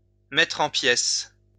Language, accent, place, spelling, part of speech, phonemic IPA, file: French, France, Lyon, mettre en pièces, verb, /mɛ.tʁ‿ɑ̃ pjɛs/, LL-Q150 (fra)-mettre en pièces.wav
- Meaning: to take to pieces, to tear to pieces, to tear apart